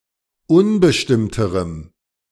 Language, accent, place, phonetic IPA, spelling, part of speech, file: German, Germany, Berlin, [ˈʊnbəʃtɪmtəʁəm], unbestimmterem, adjective, De-unbestimmterem.ogg
- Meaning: strong dative masculine/neuter singular comparative degree of unbestimmt